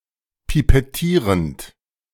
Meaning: present participle of pipettieren
- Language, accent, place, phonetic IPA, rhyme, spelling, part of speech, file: German, Germany, Berlin, [pipɛˈtiːʁənt], -iːʁənt, pipettierend, verb, De-pipettierend.ogg